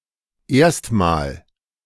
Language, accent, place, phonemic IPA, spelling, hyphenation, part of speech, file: German, Germany, Berlin, /ˈeːɐ̯stmaːl/, erstmal, erst‧mal, adverb, De-erstmal.ogg
- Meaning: 1. first (before anything else) 2. for the time being, for now